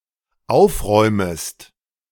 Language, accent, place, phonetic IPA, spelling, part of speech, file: German, Germany, Berlin, [ˈaʊ̯fˌʁɔɪ̯məst], aufräumest, verb, De-aufräumest.ogg
- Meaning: second-person singular dependent subjunctive I of aufräumen